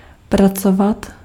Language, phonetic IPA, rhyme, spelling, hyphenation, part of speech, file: Czech, [ˈprat͡sovat], -ovat, pracovat, pra‧co‧vat, verb, Cs-pracovat.ogg
- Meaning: 1. to work, to have a job 2. to work